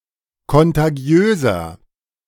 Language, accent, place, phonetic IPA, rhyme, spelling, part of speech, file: German, Germany, Berlin, [kɔntaˈɡi̯øːzɐ], -øːzɐ, kontagiöser, adjective, De-kontagiöser.ogg
- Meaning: 1. comparative degree of kontagiös 2. inflection of kontagiös: strong/mixed nominative masculine singular 3. inflection of kontagiös: strong genitive/dative feminine singular